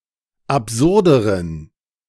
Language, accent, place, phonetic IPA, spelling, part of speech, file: German, Germany, Berlin, [apˈzʊʁdəʁən], absurderen, adjective, De-absurderen.ogg
- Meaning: inflection of absurd: 1. strong genitive masculine/neuter singular comparative degree 2. weak/mixed genitive/dative all-gender singular comparative degree